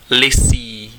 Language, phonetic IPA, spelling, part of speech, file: Czech, [ˈlɪsiː], lysý, adjective, Cs-lysý.ogg
- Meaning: 1. bald 2. bare